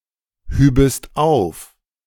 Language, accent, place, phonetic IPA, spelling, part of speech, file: German, Germany, Berlin, [ˌhyːbəst ˈaʊ̯f], hübest auf, verb, De-hübest auf.ogg
- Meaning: second-person singular subjunctive II of aufheben